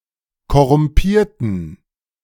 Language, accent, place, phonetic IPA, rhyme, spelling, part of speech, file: German, Germany, Berlin, [kɔʁʊmˈpiːɐ̯tn̩], -iːɐ̯tn̩, korrumpierten, adjective / verb, De-korrumpierten.ogg
- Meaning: inflection of korrumpieren: 1. first/third-person plural preterite 2. first/third-person plural subjunctive II